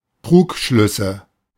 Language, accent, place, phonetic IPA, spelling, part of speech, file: German, Germany, Berlin, [ˈtʁuːkˌʃlʏsə], Trugschlüsse, noun, De-Trugschlüsse.ogg
- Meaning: nominative/accusative/genitive plural of Trugschluss